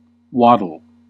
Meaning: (noun) 1. A squat, swaying gait 2. A group of birds, such as ducks and penguins, when walking; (verb) 1. To walk with short steps, tilting the body from side to side 2. To move slowly
- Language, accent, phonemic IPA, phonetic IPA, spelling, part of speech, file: English, US, /ˈwɑd.əl/, [ˈwɑɾ.ɫ̩], waddle, noun / verb, En-us-waddle.ogg